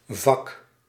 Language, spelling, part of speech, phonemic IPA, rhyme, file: Dutch, vak, noun, /vɑk/, -ɑk, Nl-vak.ogg
- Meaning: 1. a compartment (e.g. a shelf, a section) 2. a subject, discipline, class, notably in education 3. a profession 4. a trade, craft